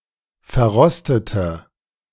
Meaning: inflection of verrostet: 1. strong/mixed nominative/accusative feminine singular 2. strong nominative/accusative plural 3. weak nominative all-gender singular
- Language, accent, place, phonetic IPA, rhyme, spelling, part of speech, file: German, Germany, Berlin, [fɛɐ̯ˈʁɔstətə], -ɔstətə, verrostete, adjective / verb, De-verrostete.ogg